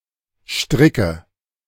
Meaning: nominative/accusative/genitive plural of Strick
- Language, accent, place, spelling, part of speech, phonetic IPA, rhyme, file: German, Germany, Berlin, Stricke, noun, [ˈʃtʁɪkə], -ɪkə, De-Stricke.ogg